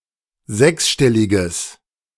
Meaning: strong/mixed nominative/accusative neuter singular of sechsstellig
- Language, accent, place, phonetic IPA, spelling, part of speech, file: German, Germany, Berlin, [ˈzɛksˌʃtɛlɪɡəs], sechsstelliges, adjective, De-sechsstelliges.ogg